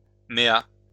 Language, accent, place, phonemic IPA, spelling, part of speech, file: French, France, Lyon, /me.a/, méat, noun, LL-Q150 (fra)-méat.wav
- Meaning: meatus